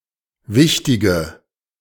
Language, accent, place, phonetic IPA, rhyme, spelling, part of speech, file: German, Germany, Berlin, [ˈvɪçtɪɡə], -ɪçtɪɡə, wichtige, adjective, De-wichtige.ogg
- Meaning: inflection of wichtig: 1. strong/mixed nominative/accusative feminine singular 2. strong nominative/accusative plural 3. weak nominative all-gender singular 4. weak accusative feminine/neuter singular